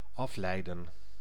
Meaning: 1. to infer, deduce 2. to derive 3. to distract
- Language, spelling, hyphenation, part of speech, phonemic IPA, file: Dutch, afleiden, af‧lei‧den, verb, /ˈɑflɛi̯də(n)/, Nl-afleiden.ogg